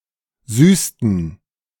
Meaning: inflection of süßen: 1. first/third-person plural preterite 2. first/third-person plural subjunctive II
- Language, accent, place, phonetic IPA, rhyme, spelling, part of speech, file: German, Germany, Berlin, [ˈzyːstn̩], -yːstn̩, süßten, verb, De-süßten.ogg